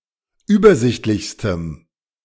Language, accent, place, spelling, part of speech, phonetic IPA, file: German, Germany, Berlin, übersichtlichstem, adjective, [ˈyːbɐˌzɪçtlɪçstəm], De-übersichtlichstem.ogg
- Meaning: strong dative masculine/neuter singular superlative degree of übersichtlich